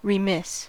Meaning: 1. At fault; failing to fulfill responsibility, duty, or obligations 2. Not energetic or exact in duty or business; careless; tardy; slack; hence, lacking earnestness or activity; languid; slow
- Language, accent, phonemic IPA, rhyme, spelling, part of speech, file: English, US, /ɹəˈmɪs/, -ɪs, remiss, adjective, En-us-remiss.ogg